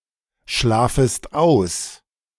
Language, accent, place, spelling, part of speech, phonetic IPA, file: German, Germany, Berlin, schlafest aus, verb, [ˌʃlaːfəst ˈaʊ̯s], De-schlafest aus.ogg
- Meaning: second-person singular subjunctive I of ausschlafen